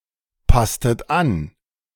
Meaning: inflection of anpassen: 1. second-person plural preterite 2. second-person plural subjunctive II
- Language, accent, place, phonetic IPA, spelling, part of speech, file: German, Germany, Berlin, [ˌpastət ˈan], passtet an, verb, De-passtet an.ogg